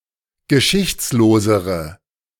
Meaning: inflection of geschichtslos: 1. strong/mixed nominative/accusative feminine singular comparative degree 2. strong nominative/accusative plural comparative degree
- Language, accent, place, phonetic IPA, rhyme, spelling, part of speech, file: German, Germany, Berlin, [ɡəˈʃɪçt͡sloːzəʁə], -ɪçt͡sloːzəʁə, geschichtslosere, adjective, De-geschichtslosere.ogg